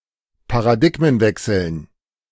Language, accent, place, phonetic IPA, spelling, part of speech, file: German, Germany, Berlin, [paʁaˈdɪɡmənˌvɛksl̩n], Paradigmenwechseln, noun, De-Paradigmenwechseln.ogg
- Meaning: dative plural of Paradigmenwechsel